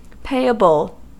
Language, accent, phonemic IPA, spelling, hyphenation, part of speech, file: English, US, /ˈpeɪəbl̩/, payable, pay‧able, adjective / noun, En-us-payable.ogg
- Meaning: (adjective) 1. Due to be paid 2. Able to be paid 3. Of a mine etc.: capable of yielding profit; profitable; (noun) 1. Debts owed by a business; liabilities 2. A thing that may be paid